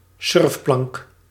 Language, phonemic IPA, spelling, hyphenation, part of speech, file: Dutch, /ˈsʏrf.plɑŋk/, surfplank, surf‧plank, noun, Nl-surfplank.ogg
- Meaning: surfboard